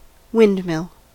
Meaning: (noun) 1. A machine which translates linear motion of wind to rotational motion by means of adjustable vanes called sails 2. The building or structure containing such machinery
- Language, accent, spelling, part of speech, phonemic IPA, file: English, US, windmill, noun / verb, /ˈwɪn(d).mɪl/, En-us-windmill.ogg